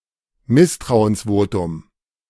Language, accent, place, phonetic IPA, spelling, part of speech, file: German, Germany, Berlin, [ˈmɪstʁaʊ̯ənsˌvoːtʊm], Misstrauensvotum, noun, De-Misstrauensvotum.ogg
- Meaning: vote of no confidence